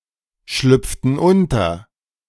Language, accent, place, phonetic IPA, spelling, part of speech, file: German, Germany, Berlin, [ˌʃlʏp͡ftn̩ ˈʊntɐ], schlüpften unter, verb, De-schlüpften unter.ogg
- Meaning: inflection of unterschlüpfen: 1. first/third-person plural preterite 2. first/third-person plural subjunctive II